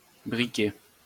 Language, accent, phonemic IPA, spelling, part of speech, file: French, France, /bʁi.ke/, briquer, verb, LL-Q150 (fra)-briquer.wav
- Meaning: to scrub, polish